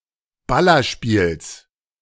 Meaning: genitive singular of Ballerspiel
- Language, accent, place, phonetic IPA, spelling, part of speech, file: German, Germany, Berlin, [ˈbalɐʃpiːls], Ballerspiels, noun, De-Ballerspiels.ogg